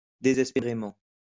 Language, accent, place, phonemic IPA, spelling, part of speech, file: French, France, Lyon, /de.zɛs.pe.ʁe.mɑ̃/, désespérément, adverb, LL-Q150 (fra)-désespérément.wav
- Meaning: desperately